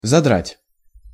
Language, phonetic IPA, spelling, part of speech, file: Russian, [zɐˈdratʲ], задрать, verb, Ru-задрать.ogg
- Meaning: 1. to break, to split (skin, fingernails) 2. to lift, to pull up (head, nose, etc.) 3. to tear to pieces, to kill (of a predator) 4. to pester, to exasperate, to piss off